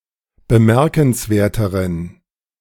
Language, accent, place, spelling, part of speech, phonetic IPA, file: German, Germany, Berlin, bemerkenswerteren, adjective, [bəˈmɛʁkn̩sˌveːɐ̯təʁən], De-bemerkenswerteren.ogg
- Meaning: inflection of bemerkenswert: 1. strong genitive masculine/neuter singular comparative degree 2. weak/mixed genitive/dative all-gender singular comparative degree